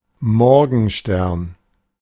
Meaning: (proper noun) a surname; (noun) 1. morning star (Mercury or Venus) 2. morning star (weapon)
- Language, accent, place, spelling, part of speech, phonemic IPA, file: German, Germany, Berlin, Morgenstern, proper noun / noun, /ˈmɔʁɡn̩ˌʃtɛʁn/, De-Morgenstern.ogg